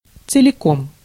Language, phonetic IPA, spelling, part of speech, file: Russian, [t͡sɨlʲɪˈkom], целиком, adverb, Ru-целиком.ogg
- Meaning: wholly, all of it